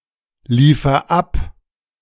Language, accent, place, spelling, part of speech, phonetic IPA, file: German, Germany, Berlin, liefer ab, verb, [ˌliːfɐ ˈap], De-liefer ab.ogg
- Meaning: inflection of abliefern: 1. first-person singular present 2. singular imperative